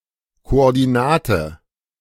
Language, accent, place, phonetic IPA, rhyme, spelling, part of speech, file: German, Germany, Berlin, [koʔɔʁdiˈnaːtə], -aːtə, Koordinate, noun, De-Koordinate.ogg
- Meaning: coordinate